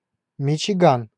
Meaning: Michigan (a state of the United States)
- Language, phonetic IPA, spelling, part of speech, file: Russian, [mʲɪt͡ɕɪˈɡan], Мичиган, proper noun, Ru-Мичиган.ogg